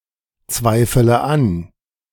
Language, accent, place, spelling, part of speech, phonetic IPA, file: German, Germany, Berlin, zweifele an, verb, [ˌt͡svaɪ̯fələ ˈan], De-zweifele an.ogg
- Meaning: inflection of anzweifeln: 1. first-person singular present 2. first/third-person singular subjunctive I 3. singular imperative